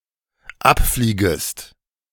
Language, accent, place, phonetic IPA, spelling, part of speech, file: German, Germany, Berlin, [ˈapˌfliːɡəst], abfliegest, verb, De-abfliegest.ogg
- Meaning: second-person singular dependent subjunctive I of abfliegen